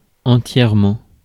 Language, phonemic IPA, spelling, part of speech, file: French, /ɑ̃.tjɛʁ.mɑ̃/, entièrement, adverb, Fr-entièrement.ogg
- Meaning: entirely